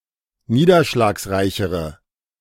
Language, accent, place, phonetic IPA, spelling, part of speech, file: German, Germany, Berlin, [ˈniːdɐʃlaːksˌʁaɪ̯çəʁə], niederschlagsreichere, adjective, De-niederschlagsreichere.ogg
- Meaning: inflection of niederschlagsreich: 1. strong/mixed nominative/accusative feminine singular comparative degree 2. strong nominative/accusative plural comparative degree